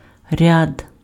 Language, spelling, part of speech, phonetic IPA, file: Ukrainian, ряд, noun, [rʲad], Uk-ряд.ogg
- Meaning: 1. row, line 2. rank 3. file 4. degree of frontness or backness (of a vowel) 5. sequence, series 6. set 7. a number of, several 8. ridge 9. contract, agreement, treaty (in medieval Kievan Rus' law)